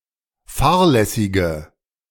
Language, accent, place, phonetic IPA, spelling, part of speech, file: German, Germany, Berlin, [ˈfaːɐ̯lɛsɪɡə], fahrlässige, adjective, De-fahrlässige.ogg
- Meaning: inflection of fahrlässig: 1. strong/mixed nominative/accusative feminine singular 2. strong nominative/accusative plural 3. weak nominative all-gender singular